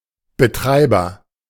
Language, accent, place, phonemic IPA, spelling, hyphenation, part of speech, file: German, Germany, Berlin, /bəˈtʁaɪ̯bɐ/, Betreiber, Be‧trei‧ber, noun, De-Betreiber.ogg
- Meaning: operator